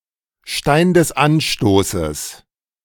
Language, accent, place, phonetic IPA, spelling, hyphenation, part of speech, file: German, Germany, Berlin, [ˌʃtaɪ̯n dɛs ˈʔanˌʃtoːsəs], Stein des Anstoßes, Stein des An‧sto‧ßes, phrase, De-Stein des Anstoßes.ogg
- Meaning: a source of annoyance